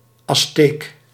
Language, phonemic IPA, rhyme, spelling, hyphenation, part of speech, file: Dutch, /ɑsˈteːk/, -eːk, Azteek, Az‧teek, noun, Nl-Azteek.ogg
- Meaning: Aztec, an Aztec person